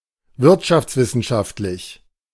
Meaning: economic (relating to the science of economics)
- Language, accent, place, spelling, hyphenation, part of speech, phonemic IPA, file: German, Germany, Berlin, wirtschaftswissenschaftlich, wirt‧schafts‧wis‧sen‧schaft‧lich, adjective, /ˈvɪʁtʃaft͡sˌvɪsn̩ʃaftlɪç/, De-wirtschaftswissenschaftlich.ogg